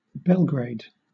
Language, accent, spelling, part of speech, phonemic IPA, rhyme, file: English, Southern England, Belgrade, proper noun, /ˈbɛlɡɹeɪd/, -eɪd, LL-Q1860 (eng)-Belgrade.wav
- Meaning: 1. The capital city of Serbia; the former capital of Yugoslavia; the former capital of Serbia and Montenegro 2. The Serbian or Yugoslav government